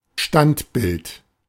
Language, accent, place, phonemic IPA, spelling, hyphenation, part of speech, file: German, Germany, Berlin, /ˈʃtantˌbɪlt/, Standbild, Stand‧bild, noun, De-Standbild.ogg
- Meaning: 1. statue, still, any replication of the particularly standing habitus of a human or other animal 2. an unmoving picture, static screen